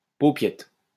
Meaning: paupiette, (veal) olive
- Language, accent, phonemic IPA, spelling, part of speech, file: French, France, /po.pjɛt/, paupiette, noun, LL-Q150 (fra)-paupiette.wav